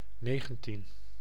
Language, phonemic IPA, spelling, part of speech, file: Dutch, /ˈneːɣə(n).tin/, negentien, numeral, Nl-negentien.ogg
- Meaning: nineteen